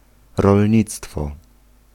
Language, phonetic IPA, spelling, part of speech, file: Polish, [rɔlʲˈɲit͡stfɔ], rolnictwo, noun, Pl-rolnictwo.ogg